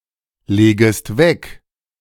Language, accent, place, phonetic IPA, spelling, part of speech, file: German, Germany, Berlin, [ˌleːɡəst ˈvɛk], legest weg, verb, De-legest weg.ogg
- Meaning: second-person singular subjunctive I of weglegen